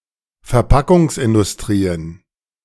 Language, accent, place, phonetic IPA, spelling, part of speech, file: German, Germany, Berlin, [fɛɐ̯ˈpakʊŋsʔɪndʊsˌtʁiːən], Verpackungsindustrien, noun, De-Verpackungsindustrien.ogg
- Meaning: plural of Verpackungsindustrie